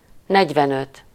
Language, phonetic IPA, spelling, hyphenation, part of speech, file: Hungarian, [ˈnɛɟvɛnøt], negyvenöt, negy‧ven‧öt, numeral, Hu-negyvenöt.ogg
- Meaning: forty-five